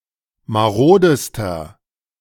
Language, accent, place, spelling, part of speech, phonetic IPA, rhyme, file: German, Germany, Berlin, marodester, adjective, [maˈʁoːdəstɐ], -oːdəstɐ, De-marodester.ogg
- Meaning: inflection of marode: 1. strong/mixed nominative masculine singular superlative degree 2. strong genitive/dative feminine singular superlative degree 3. strong genitive plural superlative degree